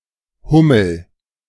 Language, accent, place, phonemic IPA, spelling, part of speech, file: German, Germany, Berlin, /ˈhʊməl/, Hummel, noun / proper noun, De-Hummel.ogg
- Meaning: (noun) bumblebee; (proper noun) a surname